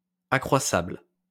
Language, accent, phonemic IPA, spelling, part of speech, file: French, France, /a.kʁwa.sabl/, accroissable, adjective, LL-Q150 (fra)-accroissable.wav
- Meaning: increasable